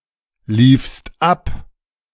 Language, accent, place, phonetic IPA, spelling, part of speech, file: German, Germany, Berlin, [ˌliːfst ˈap], liefst ab, verb, De-liefst ab.ogg
- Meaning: second-person singular preterite of ablaufen